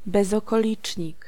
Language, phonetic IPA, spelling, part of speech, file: Polish, [ˌbɛzɔkɔˈlʲit͡ʃʲɲik], bezokolicznik, noun, Pl-bezokolicznik.ogg